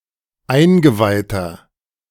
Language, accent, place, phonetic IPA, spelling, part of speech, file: German, Germany, Berlin, [ˈaɪ̯nɡəˌvaɪ̯tɐ], eingeweihter, adjective, De-eingeweihter.ogg
- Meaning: 1. comparative degree of eingeweiht 2. inflection of eingeweiht: strong/mixed nominative masculine singular 3. inflection of eingeweiht: strong genitive/dative feminine singular